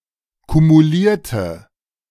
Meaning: inflection of kumulieren: 1. first/third-person singular preterite 2. first/third-person singular subjunctive II
- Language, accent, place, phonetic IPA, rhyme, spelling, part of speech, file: German, Germany, Berlin, [kumuˈliːɐ̯tə], -iːɐ̯tə, kumulierte, adjective / verb, De-kumulierte.ogg